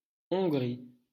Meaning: Hungary (a country in Central Europe)
- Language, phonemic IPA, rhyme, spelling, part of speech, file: French, /ɔ̃.ɡʁi/, -i, Hongrie, proper noun, LL-Q150 (fra)-Hongrie.wav